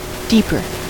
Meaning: comparative form of deep: more deep
- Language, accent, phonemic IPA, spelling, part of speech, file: English, US, /ˈdipɚ/, deeper, adjective, En-us-deeper.ogg